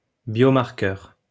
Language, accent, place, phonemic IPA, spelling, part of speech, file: French, France, Lyon, /bjɔ.maʁ.kœʁ/, biomarqueur, noun, LL-Q150 (fra)-biomarqueur.wav
- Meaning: biomarker